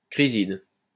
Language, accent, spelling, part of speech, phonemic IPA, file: French, France, chryside, noun, /kʁi.zid/, LL-Q150 (fra)-chryside.wav
- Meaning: chrysidid